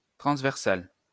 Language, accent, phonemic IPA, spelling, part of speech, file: French, France, /tʁɑ̃s.vɛʁ.sal/, transversal, adjective, LL-Q150 (fra)-transversal.wav
- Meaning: 1. transversal 2. cross-sectional